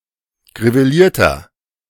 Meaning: inflection of griveliert: 1. strong/mixed nominative masculine singular 2. strong genitive/dative feminine singular 3. strong genitive plural
- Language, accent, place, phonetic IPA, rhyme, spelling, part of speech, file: German, Germany, Berlin, [ɡʁiveˈliːɐ̯tɐ], -iːɐ̯tɐ, grivelierter, adjective, De-grivelierter.ogg